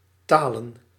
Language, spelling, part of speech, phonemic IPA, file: Dutch, talen, verb / noun, /ˈtaːlə(n)/, Nl-talen.ogg
- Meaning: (verb) 1. to long, to care 2. to speak 3. to say; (noun) plural of taal